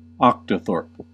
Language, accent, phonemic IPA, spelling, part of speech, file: English, US, /ˈɑːktoʊθɔːɹp/, octothorpe, noun, En-us-octothorpe.ogg
- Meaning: The hash or square symbol #, used mainly in telephony and computing